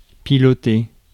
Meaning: 1. to pilot (control an aircraft) 2. to pilot (control a vessel) 3. to drive (control a vehicle)
- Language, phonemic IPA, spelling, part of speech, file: French, /pi.lɔ.te/, piloter, verb, Fr-piloter.ogg